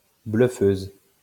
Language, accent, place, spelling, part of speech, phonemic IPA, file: French, France, Lyon, bluffeuse, noun, /blœ.føz/, LL-Q150 (fra)-bluffeuse.wav
- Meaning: female equivalent of bluffeur